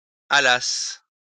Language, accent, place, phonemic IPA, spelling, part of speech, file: French, France, Lyon, /a.las/, allassent, verb, LL-Q150 (fra)-allassent.wav
- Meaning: third-person plural imperfect subjunctive of aller